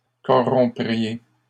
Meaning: second-person plural conditional of corrompre
- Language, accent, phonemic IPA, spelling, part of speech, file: French, Canada, /kɔ.ʁɔ̃.pʁi.je/, corrompriez, verb, LL-Q150 (fra)-corrompriez.wav